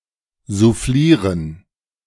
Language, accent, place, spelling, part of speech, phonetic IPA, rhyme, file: German, Germany, Berlin, soufflieren, verb, [zuˈfliːʁən], -iːʁən, De-soufflieren.ogg
- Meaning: To prompt, feed (coll.), cue